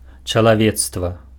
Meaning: mankind, humanity
- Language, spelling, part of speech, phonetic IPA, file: Belarusian, чалавецтва, noun, [t͡ʂaɫaˈvʲet͡stva], Be-чалавецтва.ogg